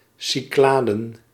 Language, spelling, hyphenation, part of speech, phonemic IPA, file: Dutch, Cycladen, Cy‧cla‧den, proper noun, /ˌsiˈklaː.də(n)/, Nl-Cycladen.ogg
- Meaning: the Cyclades, an Aegean island chain